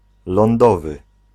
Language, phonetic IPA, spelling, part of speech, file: Polish, [lɔ̃nˈdɔvɨ], lądowy, adjective, Pl-lądowy.ogg